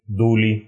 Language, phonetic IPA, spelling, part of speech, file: Russian, [ˈdulʲɪ], дули, verb / noun, Ru-ду́ли.ogg
- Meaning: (verb) plural past indicative imperfective of дуть (dutʹ); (noun) inflection of ду́ля (dúlja): 1. genitive singular 2. nominative/accusative plural